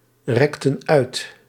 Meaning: inflection of uitrekken: 1. plural past indicative 2. plural past subjunctive
- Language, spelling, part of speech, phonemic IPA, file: Dutch, rekten uit, verb, /ˈrɛktə(n) ˈœyt/, Nl-rekten uit.ogg